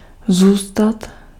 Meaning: to stay, to remain (to remain in a particular place)
- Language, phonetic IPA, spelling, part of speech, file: Czech, [ˈzuːstat], zůstat, verb, Cs-zůstat.ogg